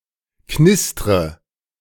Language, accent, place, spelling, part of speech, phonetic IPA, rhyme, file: German, Germany, Berlin, knistre, verb, [ˈknɪstʁə], -ɪstʁə, De-knistre.ogg
- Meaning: inflection of knistern: 1. first-person singular present 2. first/third-person singular subjunctive I 3. singular imperative